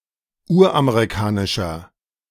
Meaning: inflection of uramerikanisch: 1. strong/mixed nominative masculine singular 2. strong genitive/dative feminine singular 3. strong genitive plural
- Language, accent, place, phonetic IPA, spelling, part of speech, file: German, Germany, Berlin, [ˈuːɐ̯ʔameʁiˌkaːnɪʃɐ], uramerikanischer, adjective, De-uramerikanischer.ogg